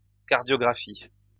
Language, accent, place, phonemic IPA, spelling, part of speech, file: French, France, Lyon, /kaʁ.djɔ.ɡʁa.fi/, cardiographie, noun, LL-Q150 (fra)-cardiographie.wav
- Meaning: cardiography